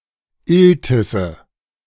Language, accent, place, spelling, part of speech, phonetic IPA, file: German, Germany, Berlin, Iltisse, noun, [ˈɪltɪsə], De-Iltisse.ogg
- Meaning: nominative/accusative/genitive plural of Iltis